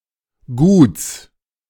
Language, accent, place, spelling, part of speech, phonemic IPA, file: German, Germany, Berlin, Guts, noun, /ɡuːts/, De-Guts.ogg
- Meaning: genitive singular of Gut